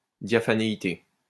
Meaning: transparency, diaphaneity
- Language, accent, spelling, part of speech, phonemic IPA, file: French, France, diaphanéité, noun, /dja.fa.ne.i.te/, LL-Q150 (fra)-diaphanéité.wav